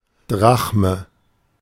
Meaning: drachma
- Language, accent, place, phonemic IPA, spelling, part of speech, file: German, Germany, Berlin, /ˈdʁaχmə/, Drachme, noun, De-Drachme.ogg